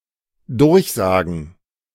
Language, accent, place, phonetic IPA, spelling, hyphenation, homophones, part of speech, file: German, Germany, Berlin, [ˈdʊʁçˌzaːɡŋ̩], durchsagen, durch‧sa‧gen, Durchsagen, verb, De-durchsagen.ogg
- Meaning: to announce over loudspeakers or on the radio